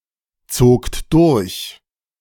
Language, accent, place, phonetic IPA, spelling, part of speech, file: German, Germany, Berlin, [ˌt͡soːkt ˈdʊʁç], zogt durch, verb, De-zogt durch.ogg
- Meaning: second-person plural preterite of durchziehen